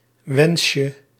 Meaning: diminutive of wens
- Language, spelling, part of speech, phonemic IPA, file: Dutch, wensje, noun, /ˈwɛnʃə/, Nl-wensje.ogg